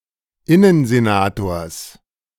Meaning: genitive singular of Innensenator
- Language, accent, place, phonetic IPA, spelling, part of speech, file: German, Germany, Berlin, [ˈɪnənzeˌnaːtoːɐ̯s], Innensenators, noun, De-Innensenators.ogg